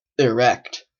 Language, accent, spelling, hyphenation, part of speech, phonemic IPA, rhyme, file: English, Canada, erect, erect, adjective / verb, /ɪˈɹɛkt/, -ɛkt, En-ca-erect.oga
- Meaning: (adjective) 1. Upright; vertical or reaching broadly upwards 2. Rigid, firm; standing out perpendicularly, especially as the result of stimulation 3. Having an erect penis or clitoris